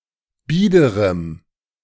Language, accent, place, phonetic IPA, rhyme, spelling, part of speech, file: German, Germany, Berlin, [ˈbiːdəʁəm], -iːdəʁəm, biederem, adjective, De-biederem.ogg
- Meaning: strong dative masculine/neuter singular of bieder